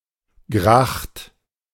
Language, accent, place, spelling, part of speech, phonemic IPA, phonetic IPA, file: German, Germany, Berlin, Gracht, noun, /ɡraxt/, [ɡʁäχt], De-Gracht.ogg
- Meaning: canal within a city (with residential buildings on either side)